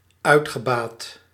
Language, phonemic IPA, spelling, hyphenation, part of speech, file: Dutch, /ˈœy̯txəbaːt/, uitgebaat, uit‧ge‧baat, verb, Nl-uitgebaat.ogg
- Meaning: past participle of uitbaten